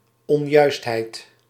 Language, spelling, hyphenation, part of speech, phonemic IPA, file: Dutch, onjuistheid, on‧juist‧heid, noun, /ɔnˈjœysthɛit/, Nl-onjuistheid.ogg
- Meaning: mistake, error